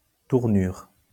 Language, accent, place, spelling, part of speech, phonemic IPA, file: French, France, Lyon, tournure, noun, /tuʁ.nyʁ/, LL-Q150 (fra)-tournure.wav
- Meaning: 1. appearance, shape, figure; bearing 2. turn, change in circumstance or temperament 3. phrasing, turn of phrase 4. tournure, bustle (frame worn underneath a woman's skirt) 5. peel (of a fruit)